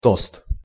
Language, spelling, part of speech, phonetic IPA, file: Russian, тост, noun, [tost], Ru-тост.ogg
- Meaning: 1. toast (salutation while drinking alcohol) 2. toast (toasted bread)